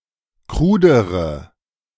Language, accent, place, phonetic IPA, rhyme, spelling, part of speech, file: German, Germany, Berlin, [ˈkʁuːdəʁə], -uːdəʁə, krudere, adjective, De-krudere.ogg
- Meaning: inflection of krud: 1. strong/mixed nominative/accusative feminine singular comparative degree 2. strong nominative/accusative plural comparative degree